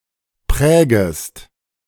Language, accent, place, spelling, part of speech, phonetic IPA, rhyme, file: German, Germany, Berlin, prägest, verb, [ˈpʁɛːɡəst], -ɛːɡəst, De-prägest.ogg
- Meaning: second-person singular subjunctive I of prägen